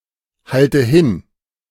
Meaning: inflection of hinhalten: 1. first-person singular present 2. first/third-person singular subjunctive I 3. singular imperative
- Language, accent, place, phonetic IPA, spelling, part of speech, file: German, Germany, Berlin, [ˌhaltə ˈhɪn], halte hin, verb, De-halte hin.ogg